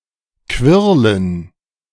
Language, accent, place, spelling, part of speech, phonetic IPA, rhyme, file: German, Germany, Berlin, Quirlen, noun, [ˈkvɪʁlən], -ɪʁlən, De-Quirlen.ogg
- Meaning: dative plural of Quirl